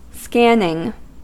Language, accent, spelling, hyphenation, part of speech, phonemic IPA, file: English, US, scanning, scan‧ning, verb / noun, /ˈskænɪŋ/, En-us-scanning.ogg
- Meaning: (verb) present participle and gerund of scan; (noun) The act of something being scanned